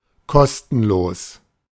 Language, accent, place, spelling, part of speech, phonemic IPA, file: German, Germany, Berlin, kostenlos, adjective / adverb, /ˈkɔstn̩loːs/, De-kostenlos.ogg
- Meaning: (adjective) without cost, free; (adverb) for free, free of charge